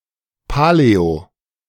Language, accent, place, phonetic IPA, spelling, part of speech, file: German, Germany, Berlin, [palɛo], paläo-, prefix, De-paläo-.ogg
- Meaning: paleo-